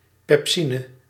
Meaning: pepsin
- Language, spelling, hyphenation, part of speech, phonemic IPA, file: Dutch, pepsine, pep‧si‧ne, noun, /pɛpˈsinə/, Nl-pepsine.ogg